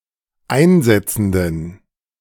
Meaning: inflection of einsetzend: 1. strong genitive masculine/neuter singular 2. weak/mixed genitive/dative all-gender singular 3. strong/weak/mixed accusative masculine singular 4. strong dative plural
- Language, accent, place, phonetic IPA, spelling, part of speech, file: German, Germany, Berlin, [ˈaɪ̯nˌzɛt͡sn̩dən], einsetzenden, adjective, De-einsetzenden.ogg